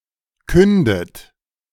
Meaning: inflection of künden: 1. second-person plural present 2. second-person plural subjunctive I 3. third-person singular present 4. plural imperative
- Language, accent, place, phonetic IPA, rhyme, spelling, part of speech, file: German, Germany, Berlin, [ˈkʏndət], -ʏndət, kündet, verb, De-kündet.ogg